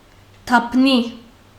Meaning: laurel
- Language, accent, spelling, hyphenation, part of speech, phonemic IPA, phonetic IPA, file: Armenian, Western Armenian, դափնի, դափ‧նի, noun, /tɑpˈni/, [tʰɑpʰní], HyW-դափնի.ogg